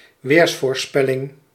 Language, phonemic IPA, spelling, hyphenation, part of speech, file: Dutch, /ˈʋeːrs.foːrˌspɛ.lɪŋ/, weersvoorspelling, weers‧voor‧spel‧ling, noun, Nl-weersvoorspelling.ogg
- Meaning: 1. weather forecast 2. weather forecasting